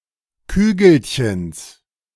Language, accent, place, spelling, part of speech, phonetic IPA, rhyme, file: German, Germany, Berlin, Kügelchens, noun, [ˈkyːɡl̩çəns], -yːɡl̩çəns, De-Kügelchens.ogg
- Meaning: genitive singular of Kügelchen